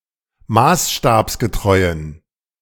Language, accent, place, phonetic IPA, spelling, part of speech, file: German, Germany, Berlin, [ˈmaːsʃtaːpsɡəˌtʁɔɪ̯ən], maßstabsgetreuen, adjective, De-maßstabsgetreuen.ogg
- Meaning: inflection of maßstabsgetreu: 1. strong genitive masculine/neuter singular 2. weak/mixed genitive/dative all-gender singular 3. strong/weak/mixed accusative masculine singular 4. strong dative plural